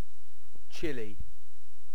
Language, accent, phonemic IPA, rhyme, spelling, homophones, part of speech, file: English, Received Pronunciation, /ˈt͡ʃɪli/, -ɪli, chilly, Chile / chile / chili / chilli, adjective / noun, En-uk-chilly.ogg
- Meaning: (adjective) 1. Cold enough to cause discomfort 2. Feeling uncomfortably cold 3. Distant and cool; unfriendly; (noun) Alternative spelling of chili